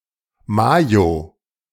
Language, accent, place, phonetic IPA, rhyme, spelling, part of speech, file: German, Germany, Berlin, [ˈmaːjo], -aːjo, Majo, noun, De-Majo.ogg
- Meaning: mayonnaise